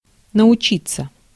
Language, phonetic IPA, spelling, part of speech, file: Russian, [nəʊˈt͡ɕit͡sːə], научиться, verb, Ru-научиться.ogg
- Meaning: to learn (often not in an academic setting)